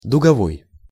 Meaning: arc (lamps, lighting, or welding)
- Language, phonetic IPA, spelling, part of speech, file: Russian, [dʊɡɐˈvoj], дуговой, adjective, Ru-дуговой.ogg